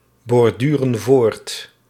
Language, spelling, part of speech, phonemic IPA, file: Dutch, borduren voort, verb, /bɔrˈdyrə(n) ˈvort/, Nl-borduren voort.ogg
- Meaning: inflection of voortborduren: 1. plural present indicative 2. plural present subjunctive